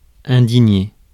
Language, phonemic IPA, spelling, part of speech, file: French, /ɛ̃.di.ɲe/, indigner, verb, Fr-indigner.ogg
- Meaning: 1. to fill with indignation, exasperate 2. to express self-righteous anger or disgust